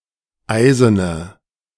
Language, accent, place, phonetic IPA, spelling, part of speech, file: German, Germany, Berlin, [ˈaɪ̯zənə], eisene, adjective, De-eisene.ogg
- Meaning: inflection of eisen: 1. strong/mixed nominative/accusative feminine singular 2. strong nominative/accusative plural 3. weak nominative all-gender singular 4. weak accusative feminine/neuter singular